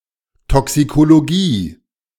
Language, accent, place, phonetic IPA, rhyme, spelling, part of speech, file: German, Germany, Berlin, [tɔksikoloˈɡiː], -iː, Toxikologie, noun, De-Toxikologie.ogg
- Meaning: toxicology